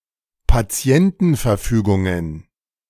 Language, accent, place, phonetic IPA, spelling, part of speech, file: German, Germany, Berlin, [paˈt͡si̯ɛntn̩fɛɐ̯ˌfyːɡʊŋən], Patientenverfügungen, noun, De-Patientenverfügungen.ogg
- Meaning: plural of Patientenverfügung